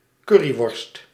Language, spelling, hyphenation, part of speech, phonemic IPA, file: Dutch, curryworst, cur‧ry‧worst, noun, /ˈkʏ.riˌʋɔrst/, Nl-curryworst.ogg
- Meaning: currywurst